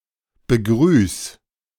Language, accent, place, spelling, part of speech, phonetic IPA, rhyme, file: German, Germany, Berlin, begrüß, verb, [bəˈɡʁyːs], -yːs, De-begrüß.ogg
- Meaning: 1. singular imperative of begrüßen 2. first-person singular present of begrüßen